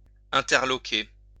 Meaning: to take aback
- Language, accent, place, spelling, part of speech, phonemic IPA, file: French, France, Lyon, interloquer, verb, /ɛ̃.tɛʁ.lɔ.ke/, LL-Q150 (fra)-interloquer.wav